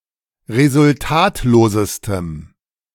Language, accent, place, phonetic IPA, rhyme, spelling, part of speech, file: German, Germany, Berlin, [ʁezʊlˈtaːtloːzəstəm], -aːtloːzəstəm, resultatlosestem, adjective, De-resultatlosestem.ogg
- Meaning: strong dative masculine/neuter singular superlative degree of resultatlos